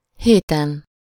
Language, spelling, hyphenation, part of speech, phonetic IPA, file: Hungarian, héten, hé‧ten, numeral / noun, [ˈheːtɛn], Hu-héten.ogg
- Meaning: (numeral) superessive singular of hét (“seven”); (noun) superessive singular of hét (“week”)